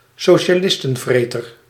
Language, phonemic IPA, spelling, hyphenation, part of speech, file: Dutch, /soː.ʃaːˈlɪs.tə(n)ˌvreː.tər/, socialistenvreter, so‧ci‧a‧lis‧ten‧vre‧ter, noun, Nl-socialistenvreter.ogg
- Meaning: a ferocious anti-socialist